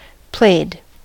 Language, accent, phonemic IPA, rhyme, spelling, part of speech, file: English, US, /pleɪd/, -eɪd, played, verb, En-us-played.ogg
- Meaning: simple past and past participle of play